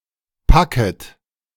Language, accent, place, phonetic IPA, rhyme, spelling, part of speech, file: German, Germany, Berlin, [ˈpakət], -akət, packet, verb, De-packet.ogg
- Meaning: imperative plural of packen